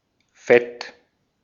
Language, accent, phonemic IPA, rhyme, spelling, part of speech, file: German, Austria, /fɛt/, -ɛt, Fett, noun, De-at-Fett.ogg
- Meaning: 1. fat, grease 2. lipid